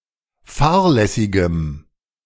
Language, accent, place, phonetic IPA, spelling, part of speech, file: German, Germany, Berlin, [ˈfaːɐ̯lɛsɪɡəm], fahrlässigem, adjective, De-fahrlässigem.ogg
- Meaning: strong dative masculine/neuter singular of fahrlässig